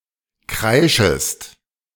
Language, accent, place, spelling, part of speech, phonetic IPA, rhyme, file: German, Germany, Berlin, kreischest, verb, [ˈkʁaɪ̯ʃəst], -aɪ̯ʃəst, De-kreischest.ogg
- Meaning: second-person singular subjunctive I of kreischen